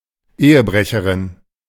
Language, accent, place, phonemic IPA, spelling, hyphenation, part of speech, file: German, Germany, Berlin, /ˈeːəˌbʁɛçəʁɪn/, Ehebrecherin, Ehe‧bre‧che‧rin, noun, De-Ehebrecherin.ogg
- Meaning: female equivalent of Ehebrecher (“adulterer”)